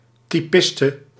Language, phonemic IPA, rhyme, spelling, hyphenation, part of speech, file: Dutch, /ˌtiˈpɪs.tə/, -ɪstə, typiste, ty‧pis‧te, noun, Nl-typiste.ogg
- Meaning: a female typist